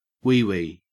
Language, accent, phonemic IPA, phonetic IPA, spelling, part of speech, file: English, Australia, /ˈwiːwiː/, [ˈwɪi̯wɪi̯], wee-wee, noun / verb, En-au-wee-wee.ogg
- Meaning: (noun) 1. Urine 2. Urine.: An act of urination 3. The penis 4. The vulva or vagina; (verb) to urinate